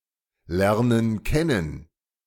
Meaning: inflection of kennen lernen: 1. first/third-person plural present 2. first/third-person plural subjunctive I
- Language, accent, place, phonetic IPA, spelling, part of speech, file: German, Germany, Berlin, [ˌlɛʁnən ˈkɛnən], lernen kennen, verb, De-lernen kennen.ogg